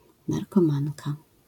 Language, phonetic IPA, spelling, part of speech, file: Polish, [ˌnarkɔ̃ˈmãnka], narkomanka, noun, LL-Q809 (pol)-narkomanka.wav